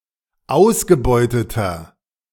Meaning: inflection of ausgebeutet: 1. strong/mixed nominative masculine singular 2. strong genitive/dative feminine singular 3. strong genitive plural
- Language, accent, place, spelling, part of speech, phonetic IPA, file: German, Germany, Berlin, ausgebeuteter, adjective, [ˈaʊ̯sɡəˌbɔɪ̯tətɐ], De-ausgebeuteter.ogg